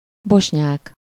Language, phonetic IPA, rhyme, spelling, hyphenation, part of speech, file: Hungarian, [ˈboʃɲaːk], -aːk, bosnyák, bos‧nyák, adjective / noun, Hu-bosnyák.ogg
- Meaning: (adjective) Bosnian (of, or relating to Bosnia, its people or language); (noun) 1. Bosniak, Bosnian (person) 2. Bosnian (language)